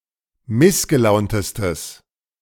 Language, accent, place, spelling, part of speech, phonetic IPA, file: German, Germany, Berlin, missgelauntestes, adjective, [ˈmɪsɡəˌlaʊ̯ntəstəs], De-missgelauntestes.ogg
- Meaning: strong/mixed nominative/accusative neuter singular superlative degree of missgelaunt